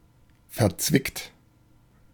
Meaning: tricky
- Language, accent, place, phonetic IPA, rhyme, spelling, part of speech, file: German, Germany, Berlin, [fɛɐ̯ˈt͡svɪkt], -ɪkt, verzwickt, adjective, De-verzwickt.ogg